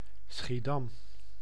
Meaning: Schiedam (a city and municipality of South Holland, Netherlands)
- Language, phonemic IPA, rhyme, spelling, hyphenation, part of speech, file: Dutch, /sxiˈdɑm/, -ɑm, Schiedam, Schie‧dam, proper noun, Nl-Schiedam.ogg